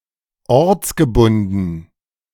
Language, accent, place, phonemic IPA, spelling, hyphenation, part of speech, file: German, Germany, Berlin, /ˈɔʁt͡sɡəˌbʊndn̩/, ortsgebunden, orts‧ge‧bun‧den, adjective, De-ortsgebunden.ogg
- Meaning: stationary